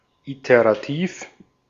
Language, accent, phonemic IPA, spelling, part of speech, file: German, Austria, /ˌiteʁaˈtiːf/, iterativ, adjective, De-at-iterativ.ogg
- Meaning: iterative